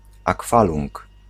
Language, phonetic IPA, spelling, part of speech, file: Polish, [aˈkfalũŋk], akwalung, noun, Pl-akwalung.ogg